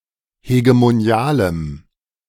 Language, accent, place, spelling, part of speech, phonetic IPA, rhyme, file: German, Germany, Berlin, hegemonialem, adjective, [heɡemoˈni̯aːləm], -aːləm, De-hegemonialem.ogg
- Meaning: strong dative masculine/neuter singular of hegemonial